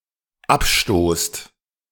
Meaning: second-person plural dependent present of abstoßen
- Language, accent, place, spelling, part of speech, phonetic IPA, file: German, Germany, Berlin, abstoßt, verb, [ˈapˌʃtoːst], De-abstoßt.ogg